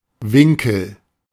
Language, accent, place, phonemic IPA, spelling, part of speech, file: German, Germany, Berlin, /ˈvɪŋkəl/, Winkel, noun, De-Winkel.ogg
- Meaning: 1. angle, nook; corner (seen from the inside) 2. angle (figure, measure thereof) 3. one of the two areas of a goal near where the post and crossbar meet; 4. chevron